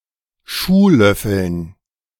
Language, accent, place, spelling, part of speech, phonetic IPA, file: German, Germany, Berlin, Schuhlöffeln, noun, [ˈʃuːˌlœfl̩n], De-Schuhlöffeln.ogg
- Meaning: dative plural of Schuhlöffel